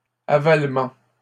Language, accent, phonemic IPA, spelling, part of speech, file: French, Canada, /a.val.mɑ̃/, avalement, noun, LL-Q150 (fra)-avalement.wav
- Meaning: 1. descent; lowering 2. act of swallowing 3. avalement